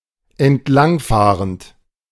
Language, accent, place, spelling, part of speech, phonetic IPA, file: German, Germany, Berlin, entlangfahrend, verb, [ɛntˈlaŋˌfaːʁənt], De-entlangfahrend.ogg
- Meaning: present participle of entlangfahren